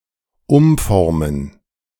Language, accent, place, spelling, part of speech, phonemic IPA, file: German, Germany, Berlin, umformen, verb, /ˈʊmˌfɔʁmən/, De-umformen.ogg
- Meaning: 1. to transform, rearrange 2. to reshape 3. to convert